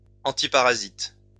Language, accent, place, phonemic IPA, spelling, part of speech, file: French, France, Lyon, /ɑ̃.ti.pa.ʁa.zit/, antiparasite, adjective / noun, LL-Q150 (fra)-antiparasite.wav
- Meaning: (adjective) antiparasitic; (noun) antiparasitic (drug)